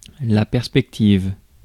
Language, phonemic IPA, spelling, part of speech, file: French, /pɛʁ.spɛk.tiv/, perspective, noun / adjective, Fr-perspective.ogg
- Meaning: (noun) 1. perspective 2. prospect; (adjective) feminine singular of perspectif